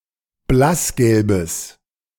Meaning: strong/mixed nominative/accusative neuter singular of blassgelb
- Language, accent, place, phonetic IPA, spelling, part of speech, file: German, Germany, Berlin, [ˈblasˌɡɛlbəs], blassgelbes, adjective, De-blassgelbes.ogg